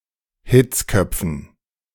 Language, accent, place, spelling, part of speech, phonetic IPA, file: German, Germany, Berlin, Hitzköpfen, noun, [ˈhɪt͡sˌkœp͡fn̩], De-Hitzköpfen.ogg
- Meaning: dative plural of Hitzkopf